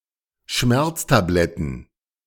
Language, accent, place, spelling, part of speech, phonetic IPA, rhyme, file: German, Germany, Berlin, Schmerztabletten, noun, [ˈʃmɛʁt͡staˌblɛtn̩], -ɛʁt͡stablɛtn̩, De-Schmerztabletten.ogg
- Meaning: plural of Schmerztablette